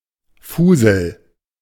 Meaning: hooch, booze, swill (liquor of low quality)
- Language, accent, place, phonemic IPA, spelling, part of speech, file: German, Germany, Berlin, /ˈfuːzl̩/, Fusel, noun, De-Fusel.ogg